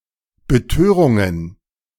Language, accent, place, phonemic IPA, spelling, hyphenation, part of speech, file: German, Germany, Berlin, /bəˈtøːʁʊŋən/, Betörungen, Be‧tö‧run‧gen, noun, De-Betörungen.ogg
- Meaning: plural of Betörung